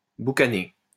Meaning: to smoke meat
- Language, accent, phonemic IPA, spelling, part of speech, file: French, France, /bu.ka.ne/, boucaner, verb, LL-Q150 (fra)-boucaner.wav